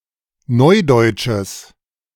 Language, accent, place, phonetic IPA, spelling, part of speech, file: German, Germany, Berlin, [ˈnɔɪ̯dɔɪ̯tʃəs], neudeutsches, adjective, De-neudeutsches.ogg
- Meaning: strong/mixed nominative/accusative neuter singular of neudeutsch